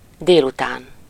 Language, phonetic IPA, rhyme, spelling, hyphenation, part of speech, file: Hungarian, [ˈdeːlutaːn], -aːn, délután, dél‧után, adverb / noun, Hu-délután.ogg
- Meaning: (adverb) in the afternoon (approx. from noon till 5 p.m., depending on the length of daylight; it may begin just after lunch); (noun) afternoon